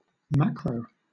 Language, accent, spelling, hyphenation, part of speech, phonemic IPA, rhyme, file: English, Southern England, macro, ma‧cro, adjective / noun / verb, /ˈmæk.ɹəʊ/, -ækɹəʊ, LL-Q1860 (eng)-macro.wav
- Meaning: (adjective) 1. Very large in scale or scope 2. Clipping of macrobiotic; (noun) 1. Clipping of macroeconomics 2. Clipping of macromanagement 3. Clipping of macronutrient 4. Clipping of macrophile